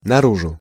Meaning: outwardly, openly, outside, towards the outside, out
- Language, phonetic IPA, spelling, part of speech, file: Russian, [nɐˈruʐʊ], наружу, adverb, Ru-наружу.ogg